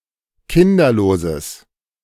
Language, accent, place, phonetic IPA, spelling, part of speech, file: German, Germany, Berlin, [ˈkɪndɐloːzəs], kinderloses, adjective, De-kinderloses.ogg
- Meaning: strong/mixed nominative/accusative neuter singular of kinderlos